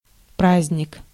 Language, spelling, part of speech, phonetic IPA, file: Russian, праздник, noun, [ˈprazʲnʲɪk], Ru-праздник.ogg
- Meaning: 1. holiday 2. festival, a feast 3. joy, pleasure